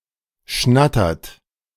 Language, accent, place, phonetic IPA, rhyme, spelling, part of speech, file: German, Germany, Berlin, [ˈʃnatɐt], -atɐt, schnattert, verb, De-schnattert.ogg
- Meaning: inflection of schnattern: 1. third-person singular present 2. second-person plural present 3. plural imperative